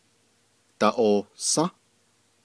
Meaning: second-person plural durative of ayą́
- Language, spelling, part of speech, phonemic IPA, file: Navajo, daʼohsą́, verb, /tɑ̀ʔòhsɑ̃́/, Nv-daʼohsą́.ogg